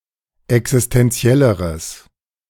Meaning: strong/mixed nominative/accusative neuter singular comparative degree of existentiell
- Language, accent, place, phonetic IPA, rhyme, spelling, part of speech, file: German, Germany, Berlin, [ɛksɪstɛnˈt͡si̯ɛləʁəs], -ɛləʁəs, existentielleres, adjective, De-existentielleres.ogg